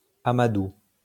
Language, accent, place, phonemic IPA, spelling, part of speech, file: French, France, Lyon, /a.ma.du/, amadou, noun, LL-Q150 (fra)-amadou.wav
- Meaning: 1. lure; bait 2. tinder; kindling; touchwood; spunk